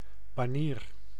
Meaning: banner, pennant
- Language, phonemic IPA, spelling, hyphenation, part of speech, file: Dutch, /baːˈniːr/, banier, ba‧nier, noun, Nl-banier.ogg